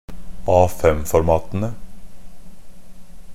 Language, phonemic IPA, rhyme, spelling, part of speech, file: Norwegian Bokmål, /ˈɑːfɛmfɔɾmɑːtənə/, -ənə, A5-formatene, noun, NB - Pronunciation of Norwegian Bokmål «A5-formatene».ogg
- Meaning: definite plural of A5-format